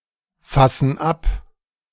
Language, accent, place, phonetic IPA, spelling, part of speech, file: German, Germany, Berlin, [ˌfasn̩ ˈap], fassen ab, verb, De-fassen ab.ogg
- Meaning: inflection of abfassen: 1. first/third-person plural present 2. first/third-person plural subjunctive I